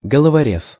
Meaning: 1. daredevil 2. thug, cutthroat
- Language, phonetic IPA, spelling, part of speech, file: Russian, [ɡəɫəvɐˈrʲes], головорез, noun, Ru-головорез.ogg